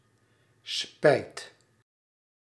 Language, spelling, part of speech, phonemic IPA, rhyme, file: Dutch, spijt, noun / verb, /spɛi̯t/, -ɛi̯t, Nl-spijt.ogg
- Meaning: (noun) regret; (verb) inflection of spijten: 1. first/second/third-person singular present indicative 2. imperative